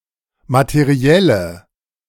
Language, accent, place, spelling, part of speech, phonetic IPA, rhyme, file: German, Germany, Berlin, materielle, adjective, [matəˈʁi̯ɛlə], -ɛlə, De-materielle.ogg
- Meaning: inflection of materiell: 1. strong/mixed nominative/accusative feminine singular 2. strong nominative/accusative plural 3. weak nominative all-gender singular